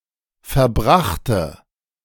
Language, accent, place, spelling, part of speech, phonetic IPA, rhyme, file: German, Germany, Berlin, verbrachte, adjective / verb, [fɛɐ̯ˈbʁaxtə], -axtə, De-verbrachte.ogg
- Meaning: first/third-person singular preterite of verbringen